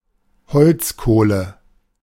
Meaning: charcoal
- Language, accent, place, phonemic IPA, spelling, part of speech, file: German, Germany, Berlin, /ˈhɔlt͡sˌkoːlə/, Holzkohle, noun, De-Holzkohle.ogg